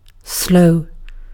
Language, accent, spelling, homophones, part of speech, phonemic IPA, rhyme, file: English, UK, slow, sloe, adjective / verb / noun / adverb, /sləʊ/, -əʊ, En-uk-slow.ogg
- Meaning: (adjective) Taking a long time to move or go a short distance, or to perform an action; not quick in motion; proceeding at a low speed